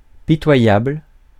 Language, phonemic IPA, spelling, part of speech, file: French, /pi.twa.jabl/, pitoyable, adjective, Fr-pitoyable.ogg
- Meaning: pitiful; pathetic, contemptible